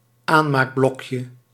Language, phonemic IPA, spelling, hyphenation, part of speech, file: Dutch, /ˈanmakˌblɔkjə/, aanmaakblokje, aan‧maak‧blok‧je, noun, Nl-aanmaakblokje.ogg
- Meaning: firelighter